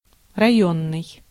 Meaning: district; regional
- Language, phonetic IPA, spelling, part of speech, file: Russian, [rɐˈjɵnːɨj], районный, adjective, Ru-районный.ogg